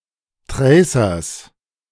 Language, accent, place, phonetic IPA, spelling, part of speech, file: German, Germany, Berlin, [ˈtʁɛɪ̯sɐs], Tracers, noun, De-Tracers.ogg
- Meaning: genitive singular of Tracer